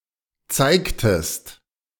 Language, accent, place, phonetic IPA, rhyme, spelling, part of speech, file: German, Germany, Berlin, [ˈt͡saɪ̯ktəst], -aɪ̯ktəst, zeigtest, verb, De-zeigtest.ogg
- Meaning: inflection of zeigen: 1. second-person singular preterite 2. second-person singular subjunctive II